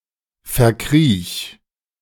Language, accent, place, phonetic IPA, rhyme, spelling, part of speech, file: German, Germany, Berlin, [fɛɐ̯ˈkʁiːç], -iːç, verkriech, verb, De-verkriech.ogg
- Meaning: singular imperative of verkriechen